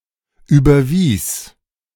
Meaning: first/third-person singular preterite of überweisen
- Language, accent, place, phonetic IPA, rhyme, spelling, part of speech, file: German, Germany, Berlin, [ˌyːbɐˈviːs], -iːs, überwies, verb, De-überwies.ogg